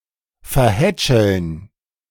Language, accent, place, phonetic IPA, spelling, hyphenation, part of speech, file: German, Germany, Berlin, [fɛɐ̯ˈhɛ(ː)t͡ʃl̩n], verhätscheln, ver‧hät‧scheln, verb, De-verhätscheln.ogg
- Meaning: to pamper, spoil